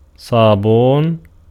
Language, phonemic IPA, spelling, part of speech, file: Arabic, /sˤaː.buːn/, صابون, noun, Ar-صابون.ogg
- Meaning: soap